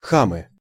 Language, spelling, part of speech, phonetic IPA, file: Russian, хамы, noun, [ˈxamɨ], Ru-хамы.ogg
- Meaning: nominative plural of хам (xam)